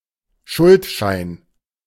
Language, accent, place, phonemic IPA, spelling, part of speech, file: German, Germany, Berlin, /ˈʃʊltʃa͜in/, Schuldschein, noun, De-Schuldschein.ogg
- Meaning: A security similar to a bond in which a private placement is effected by a debt assignment rather than a promissory note